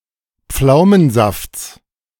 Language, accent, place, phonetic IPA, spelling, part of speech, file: German, Germany, Berlin, [ˈp͡flaʊ̯mənˌzaft͡s], Pflaumensafts, noun, De-Pflaumensafts.ogg
- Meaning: genitive of Pflaumensaft